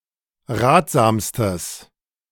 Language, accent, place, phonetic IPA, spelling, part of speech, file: German, Germany, Berlin, [ˈʁaːtz̥aːmstəs], ratsamstes, adjective, De-ratsamstes.ogg
- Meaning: strong/mixed nominative/accusative neuter singular superlative degree of ratsam